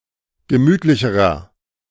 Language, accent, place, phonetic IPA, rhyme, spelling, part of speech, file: German, Germany, Berlin, [ɡəˈmyːtlɪçəʁɐ], -yːtlɪçəʁɐ, gemütlicherer, adjective, De-gemütlicherer.ogg
- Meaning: inflection of gemütlich: 1. strong/mixed nominative masculine singular comparative degree 2. strong genitive/dative feminine singular comparative degree 3. strong genitive plural comparative degree